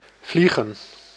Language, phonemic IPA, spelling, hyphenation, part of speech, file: Dutch, /ˈvli.ɣə(n)/, vliegen, vlie‧gen, verb / noun, Nl-vliegen.ogg
- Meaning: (verb) 1. to fly 2. to steer an aircraft, to fly 3. to soar, to rush; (noun) plural of vlieg